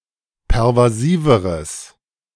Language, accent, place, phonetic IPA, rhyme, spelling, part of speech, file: German, Germany, Berlin, [pɛʁvaˈziːvəʁəs], -iːvəʁəs, pervasiveres, adjective, De-pervasiveres.ogg
- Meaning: strong/mixed nominative/accusative neuter singular comparative degree of pervasiv